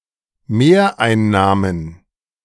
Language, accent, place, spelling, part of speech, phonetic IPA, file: German, Germany, Berlin, Mehreinnahmen, noun, [ˈmeːɐ̯ʔaɪ̯nˌnaːmən], De-Mehreinnahmen.ogg
- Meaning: plural of Mehreinnahme